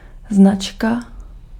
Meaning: 1. make (brand or kind of a manufactured product) 2. sign (traffic sign) 3. tag (in HTML or XML)
- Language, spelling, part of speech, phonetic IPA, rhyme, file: Czech, značka, noun, [ˈznat͡ʃka], -atʃka, Cs-značka.ogg